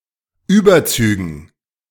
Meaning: dative plural of Überzug
- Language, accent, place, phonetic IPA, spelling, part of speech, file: German, Germany, Berlin, [ˈyːbɐˌt͡syːɡn̩], Überzügen, noun, De-Überzügen.ogg